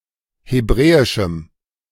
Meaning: strong dative masculine/neuter singular of hebräisch
- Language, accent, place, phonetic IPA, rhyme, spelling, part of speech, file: German, Germany, Berlin, [heˈbʁɛːɪʃm̩], -ɛːɪʃm̩, hebräischem, adjective, De-hebräischem.ogg